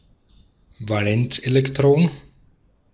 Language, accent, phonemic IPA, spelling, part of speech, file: German, Austria, /vaˈlɛnt͡sˌʔeːlɛktʁɔn/, Valenzelektron, noun, De-at-Valenzelektron.ogg
- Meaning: valence electron